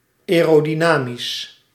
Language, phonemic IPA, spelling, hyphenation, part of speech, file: Dutch, /ˌɛː.roː.diˈnaː.mis/, aerodynamisch, ae‧ro‧dy‧na‧misch, adjective, Nl-aerodynamisch.ogg
- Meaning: aerodynamic, aerodynamical